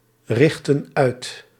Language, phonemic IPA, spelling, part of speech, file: Dutch, /ˈrɪxtə(n) ˈœyt/, richtten uit, verb, Nl-richtten uit.ogg
- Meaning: inflection of uitrichten: 1. plural past indicative 2. plural past subjunctive